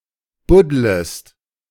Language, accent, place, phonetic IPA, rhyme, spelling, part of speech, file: German, Germany, Berlin, [ˈbʊdləst], -ʊdləst, buddlest, verb, De-buddlest.ogg
- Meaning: second-person singular subjunctive I of buddeln